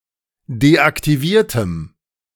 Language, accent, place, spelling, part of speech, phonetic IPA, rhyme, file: German, Germany, Berlin, deaktiviertem, adjective, [deʔaktiˈviːɐ̯təm], -iːɐ̯təm, De-deaktiviertem.ogg
- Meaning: strong dative masculine/neuter singular of deaktiviert